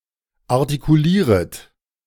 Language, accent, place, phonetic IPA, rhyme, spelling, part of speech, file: German, Germany, Berlin, [aʁtikuˈliːʁət], -iːʁət, artikulieret, verb, De-artikulieret.ogg
- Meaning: second-person plural subjunctive I of artikulieren